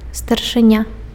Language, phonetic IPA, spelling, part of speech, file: Belarusian, [starʂɨˈnʲa], старшыня, noun, Be-старшыня.ogg
- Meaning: 1. chairperson 2. foreman 3. sergeant major (military rank)